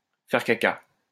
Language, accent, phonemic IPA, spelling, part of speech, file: French, France, /fɛʁ ka.ka/, faire caca, verb, LL-Q150 (fra)-faire caca.wav
- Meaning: to poo (defecate)